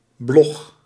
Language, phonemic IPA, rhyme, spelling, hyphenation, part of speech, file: Dutch, /blɔx/, -ɔx, blog, blog, noun, Nl-blog.ogg
- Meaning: blog